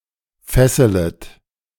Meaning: second-person plural subjunctive I of fesseln
- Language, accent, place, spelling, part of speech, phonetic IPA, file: German, Germany, Berlin, fesselet, verb, [ˈfɛsələt], De-fesselet.ogg